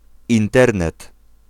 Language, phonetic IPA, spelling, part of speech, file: Polish, [ĩnˈtɛrnɛt], Internet, proper noun, Pl-Internet.ogg